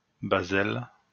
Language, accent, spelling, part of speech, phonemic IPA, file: French, France, baselle, noun, /ba.zɛl/, LL-Q150 (fra)-baselle.wav
- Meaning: vine spinach (of species Basella alba)